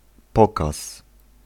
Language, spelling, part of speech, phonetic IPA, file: Polish, pokaz, noun, [ˈpɔkas], Pl-pokaz.ogg